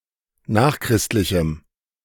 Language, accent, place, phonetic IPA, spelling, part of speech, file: German, Germany, Berlin, [ˈnaːxˌkʁɪstlɪçm̩], nachchristlichem, adjective, De-nachchristlichem.ogg
- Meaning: strong dative masculine/neuter singular of nachchristlich